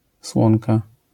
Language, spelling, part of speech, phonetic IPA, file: Polish, słonka, noun, [ˈswɔ̃nka], LL-Q809 (pol)-słonka.wav